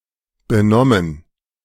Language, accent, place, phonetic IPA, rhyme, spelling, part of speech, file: German, Germany, Berlin, [bəˈnɔmən], -ɔmən, benommen, adjective / verb, De-benommen.ogg
- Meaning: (verb) past participle of benehmen; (adjective) dazed; numb